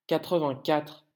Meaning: eighty-four
- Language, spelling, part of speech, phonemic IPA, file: French, quatre-vingt-quatre, numeral, /ka.tʁə.vɛ̃.katʁ/, LL-Q150 (fra)-quatre-vingt-quatre.wav